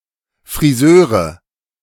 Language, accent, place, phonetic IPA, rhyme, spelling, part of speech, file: German, Germany, Berlin, [fʁiˈzøːʁən], -øːʁən, Frisören, noun, De-Frisören.ogg
- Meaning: dative plural of Frisör